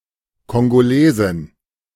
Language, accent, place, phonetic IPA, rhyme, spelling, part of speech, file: German, Germany, Berlin, [kɔŋɡoˈleːzɪn], -eːzɪn, Kongolesin, noun, De-Kongolesin.ogg
- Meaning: Congolese (female person from Republic of Congo)